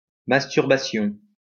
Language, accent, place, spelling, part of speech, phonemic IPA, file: French, France, Lyon, masturbation, noun, /mas.tyʁ.ba.sjɔ̃/, LL-Q150 (fra)-masturbation.wav
- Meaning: masturbation